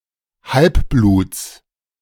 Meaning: genitive singular of Halbblut
- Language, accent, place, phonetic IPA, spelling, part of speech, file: German, Germany, Berlin, [ˈhalpˌbluːt͡s], Halbbluts, noun, De-Halbbluts.ogg